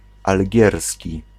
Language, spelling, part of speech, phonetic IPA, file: Polish, algierski, adjective, [alʲˈɟɛrsʲci], Pl-algierski.ogg